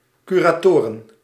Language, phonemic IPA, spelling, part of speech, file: Dutch, /ˌkyraːˈtoːrə(n)/, curatoren, noun, Nl-curatoren.ogg
- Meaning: plural of curator